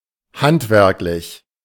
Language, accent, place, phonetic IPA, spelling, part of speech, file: German, Germany, Berlin, [ˈhantˌvɛʁklɪç], handwerklich, adjective, De-handwerklich.ogg
- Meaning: artisanal